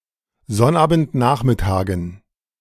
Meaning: dative plural of Sonnabendnachmittag
- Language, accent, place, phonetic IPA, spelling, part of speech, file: German, Germany, Berlin, [ˈzɔnʔaːbn̩tˌnaːxmɪtaːɡn̩], Sonnabendnachmittagen, noun, De-Sonnabendnachmittagen.ogg